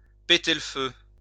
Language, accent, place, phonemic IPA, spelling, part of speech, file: French, France, Lyon, /pe.te l(ə) fø/, péter le feu, verb, LL-Q150 (fra)-péter le feu.wav
- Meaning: to be in great shape, to be in great form, to be fighting fit